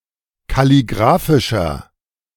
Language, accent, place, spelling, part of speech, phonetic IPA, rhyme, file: German, Germany, Berlin, kalligraphischer, adjective, [kaliˈɡʁaːfɪʃɐ], -aːfɪʃɐ, De-kalligraphischer.ogg
- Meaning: inflection of kalligraphisch: 1. strong/mixed nominative masculine singular 2. strong genitive/dative feminine singular 3. strong genitive plural